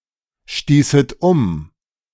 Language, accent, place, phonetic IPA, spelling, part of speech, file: German, Germany, Berlin, [ˌʃtiːsət ˈʊm], stießet um, verb, De-stießet um.ogg
- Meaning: second-person plural subjunctive II of umstoßen